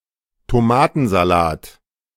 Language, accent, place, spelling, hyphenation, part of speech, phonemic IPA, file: German, Germany, Berlin, Tomatensalat, To‧ma‧ten‧sa‧lat, noun, /toˈmaːtn̩zaˌlaːt/, De-Tomatensalat.ogg
- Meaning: tomato salad